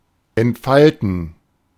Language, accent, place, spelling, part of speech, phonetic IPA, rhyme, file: German, Germany, Berlin, entfalten, verb, [ɛntˈfaltn̩], -altn̩, De-entfalten.ogg
- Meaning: 1. to unfold (to undo a folding) 2. to unfold; develop; pan out